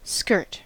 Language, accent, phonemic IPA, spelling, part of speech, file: English, US, /skɚt/, skirt, noun / verb, En-us-skirt.ogg
- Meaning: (noun) A separate article of clothing, usually worn by women and girls, that hangs from the waist and covers the lower torso and part of the legs